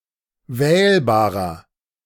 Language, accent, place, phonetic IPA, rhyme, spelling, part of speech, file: German, Germany, Berlin, [ˈvɛːlbaːʁɐ], -ɛːlbaːʁɐ, wählbarer, adjective, De-wählbarer.ogg
- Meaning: 1. comparative degree of wählbar 2. inflection of wählbar: strong/mixed nominative masculine singular 3. inflection of wählbar: strong genitive/dative feminine singular